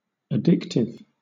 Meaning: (adjective) 1. Causing or tending to cause addiction; habit-forming 2. Enjoyable, so that one comes back for more 3. Characterized by or susceptible to addiction
- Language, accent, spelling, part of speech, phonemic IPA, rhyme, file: English, Southern England, addictive, adjective / noun, /əˈdɪktɪv/, -ɪktɪv, LL-Q1860 (eng)-addictive.wav